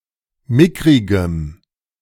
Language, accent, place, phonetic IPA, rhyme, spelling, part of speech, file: German, Germany, Berlin, [ˈmɪkʁɪɡəm], -ɪkʁɪɡəm, mickrigem, adjective, De-mickrigem.ogg
- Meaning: strong dative masculine/neuter singular of mickrig